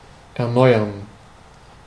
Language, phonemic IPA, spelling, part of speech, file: German, /ʔɛɐ̯ˈnɔɪ̯ɐn/, erneuern, verb, De-erneuern.ogg
- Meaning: to renew